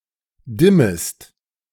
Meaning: second-person singular subjunctive I of dimmen
- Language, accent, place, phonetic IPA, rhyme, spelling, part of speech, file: German, Germany, Berlin, [ˈdɪməst], -ɪməst, dimmest, verb, De-dimmest.ogg